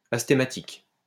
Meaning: athematic (said of a formation in which the suffix is attached directly to the root, without the help of a thematic morpheme)
- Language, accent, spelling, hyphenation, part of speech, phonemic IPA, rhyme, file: French, France, athématique, a‧thé‧ma‧tique, adjective, /a.te.ma.tik/, -ik, LL-Q150 (fra)-athématique.wav